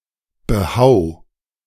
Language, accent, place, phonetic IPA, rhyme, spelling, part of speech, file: German, Germany, Berlin, [bəˈhaʊ̯], -aʊ̯, behau, verb, De-behau.ogg
- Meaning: 1. singular imperative of behauen 2. first-person singular present of behauen